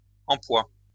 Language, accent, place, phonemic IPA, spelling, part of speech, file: French, France, Lyon, /ɑ̃.pwa/, empois, noun, LL-Q150 (fra)-empois.wav
- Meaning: glue made from starch